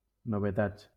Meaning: plural of novetat
- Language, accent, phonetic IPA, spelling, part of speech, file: Catalan, Valencia, [no.veˈtats], novetats, noun, LL-Q7026 (cat)-novetats.wav